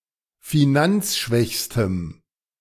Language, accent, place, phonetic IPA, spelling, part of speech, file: German, Germany, Berlin, [fiˈnant͡sˌʃvɛçstəm], finanzschwächstem, adjective, De-finanzschwächstem.ogg
- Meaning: strong dative masculine/neuter singular superlative degree of finanzschwach